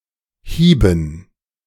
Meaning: first/third-person plural preterite of hauen
- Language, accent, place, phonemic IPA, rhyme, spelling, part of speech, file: German, Germany, Berlin, /ˈhiːbən/, -iːbən, hieben, verb, De-hieben.ogg